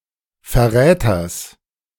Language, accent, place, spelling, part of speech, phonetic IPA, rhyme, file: German, Germany, Berlin, Verräters, noun, [fɛɐ̯ˈʁɛːtɐs], -ɛːtɐs, De-Verräters.ogg
- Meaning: genitive singular of Verräter